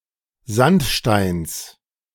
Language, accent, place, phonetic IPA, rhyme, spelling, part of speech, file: German, Germany, Berlin, [ˈzantˌʃtaɪ̯ns], -antʃtaɪ̯ns, Sandsteins, noun, De-Sandsteins.ogg
- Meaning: genitive of Sandstein